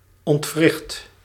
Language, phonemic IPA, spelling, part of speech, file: Dutch, /ɔntˈwrɪxt/, ontwricht, verb, Nl-ontwricht.ogg
- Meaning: 1. inflection of ontwrichten: first/second/third-person singular present indicative 2. inflection of ontwrichten: imperative 3. past participle of ontwrichten